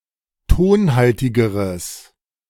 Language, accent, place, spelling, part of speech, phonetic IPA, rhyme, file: German, Germany, Berlin, tonhaltigeres, adjective, [ˈtoːnˌhaltɪɡəʁəs], -oːnhaltɪɡəʁəs, De-tonhaltigeres.ogg
- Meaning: strong/mixed nominative/accusative neuter singular comparative degree of tonhaltig